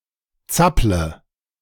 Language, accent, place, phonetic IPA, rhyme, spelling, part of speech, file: German, Germany, Berlin, [ˈt͡saplə], -aplə, zapple, verb, De-zapple.ogg
- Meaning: inflection of zappeln: 1. first-person singular present 2. singular imperative 3. first/third-person singular subjunctive I